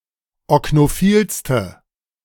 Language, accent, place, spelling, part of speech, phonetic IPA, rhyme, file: German, Germany, Berlin, oknophilste, adjective, [ɔknoˈfiːlstə], -iːlstə, De-oknophilste.ogg
- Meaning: inflection of oknophil: 1. strong/mixed nominative/accusative feminine singular superlative degree 2. strong nominative/accusative plural superlative degree